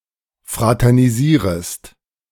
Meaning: second-person singular subjunctive I of fraternisieren
- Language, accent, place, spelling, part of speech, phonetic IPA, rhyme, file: German, Germany, Berlin, fraternisierest, verb, [ˌfʁatɛʁniˈziːʁəst], -iːʁəst, De-fraternisierest.ogg